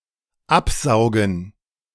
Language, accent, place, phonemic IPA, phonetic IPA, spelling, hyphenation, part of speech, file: German, Germany, Berlin, /ˈapˌsaʊ̯ɡən/, [ˈʔapˌsaʊ̯ɡŋ̩], absaugen, ab‧sau‧gen, verb, De-absaugen.ogg
- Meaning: 1. to suck off 2. to give a blowjob 3. to vacuum